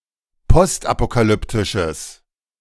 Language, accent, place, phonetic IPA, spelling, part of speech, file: German, Germany, Berlin, [ˈpɔstʔapokaˌlʏptɪʃəs], postapokalyptisches, adjective, De-postapokalyptisches.ogg
- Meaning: strong/mixed nominative/accusative neuter singular of postapokalyptisch